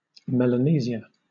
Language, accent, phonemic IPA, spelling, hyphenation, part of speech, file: English, Southern England, /ˌmɛl.əˈniː.zi.ə/, Melanesia, Mel‧a‧ne‧sia, proper noun, LL-Q1860 (eng)-Melanesia.wav
- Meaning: A continental region of Oceania, consisting of New Guinea, the Bismarck Archipelago, the Solomon Islands, New Caledonia, Vanuatu and Fiji